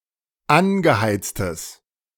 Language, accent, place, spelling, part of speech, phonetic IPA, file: German, Germany, Berlin, angeheiztes, adjective, [ˈanɡəˌhaɪ̯t͡stəs], De-angeheiztes.ogg
- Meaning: strong/mixed nominative/accusative neuter singular of angeheizt